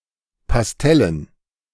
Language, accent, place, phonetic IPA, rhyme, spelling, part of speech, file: German, Germany, Berlin, [pasˈtɛlən], -ɛlən, Pastellen, noun, De-Pastellen.ogg
- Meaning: dative plural of Pastell